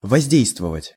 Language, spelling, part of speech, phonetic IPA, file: Russian, воздействовать, verb, [vɐzʲˈdʲejstvəvətʲ], Ru-воздействовать.ogg
- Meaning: to affect, to act, to impact (to influence or alter)